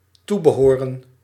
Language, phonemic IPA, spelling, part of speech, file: Dutch, /ˈtubəˌɦoːrə(n)/, toebehoren, verb / noun, Nl-toebehoren.ogg
- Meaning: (verb) to belong [with aan ‘to’], to be the property; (noun) the things that ought to accompany something, often accessories